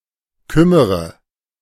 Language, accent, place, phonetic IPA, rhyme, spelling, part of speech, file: German, Germany, Berlin, [ˈkʏməʁə], -ʏməʁə, kümmere, verb, De-kümmere.ogg
- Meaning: inflection of kümmern: 1. first-person singular present 2. first/third-person singular subjunctive I 3. singular imperative